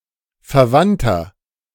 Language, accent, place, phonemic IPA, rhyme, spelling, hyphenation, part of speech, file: German, Germany, Berlin, /fɛɐ̯ˈvan.tɐ/, -antɐ, Verwandter, Ver‧wand‧ter, noun, De-Verwandter.ogg
- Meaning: 1. relative (male or of unspecified gender) 2. inflection of Verwandte: strong genitive/dative singular 3. inflection of Verwandte: strong genitive plural